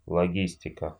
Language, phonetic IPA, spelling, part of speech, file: Russian, [ɫɐˈɡʲisʲtʲɪkə], логистика, noun, Ru-логистика.ogg
- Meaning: 1. logistics (civil planning) 2. genitive/accusative singular of логи́стик (logístik)